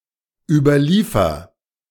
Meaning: inflection of überliefern: 1. first-person singular present 2. singular imperative
- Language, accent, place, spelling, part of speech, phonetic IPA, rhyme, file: German, Germany, Berlin, überliefer, verb, [ˌyːbɐˈliːfɐ], -iːfɐ, De-überliefer.ogg